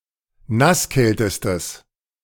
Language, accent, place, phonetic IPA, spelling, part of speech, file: German, Germany, Berlin, [ˈnasˌkɛltəstəs], nasskältestes, adjective, De-nasskältestes.ogg
- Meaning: strong/mixed nominative/accusative neuter singular superlative degree of nasskalt